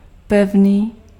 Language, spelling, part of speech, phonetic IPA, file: Czech, pevný, adjective, [ˈpɛvniː], Cs-pevný.ogg
- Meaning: firm